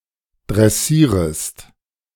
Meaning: second-person singular subjunctive I of dressieren
- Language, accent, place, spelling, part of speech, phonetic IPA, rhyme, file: German, Germany, Berlin, dressierest, verb, [dʁɛˈsiːʁəst], -iːʁəst, De-dressierest.ogg